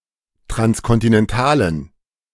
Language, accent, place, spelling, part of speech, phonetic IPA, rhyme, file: German, Germany, Berlin, transkontinentalen, adjective, [tʁanskɔntɪnɛnˈtaːlən], -aːlən, De-transkontinentalen.ogg
- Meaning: inflection of transkontinental: 1. strong genitive masculine/neuter singular 2. weak/mixed genitive/dative all-gender singular 3. strong/weak/mixed accusative masculine singular